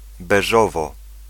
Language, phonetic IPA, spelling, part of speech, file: Polish, [bɛˈʒɔvɔ], beżowo, adverb, Pl-beżowo.ogg